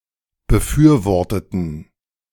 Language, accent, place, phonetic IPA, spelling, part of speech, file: German, Germany, Berlin, [bəˈfyːɐ̯ˌvɔʁtətn̩], befürworteten, adjective / verb, De-befürworteten.ogg
- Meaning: inflection of befürworten: 1. first/third-person plural preterite 2. first/third-person plural subjunctive II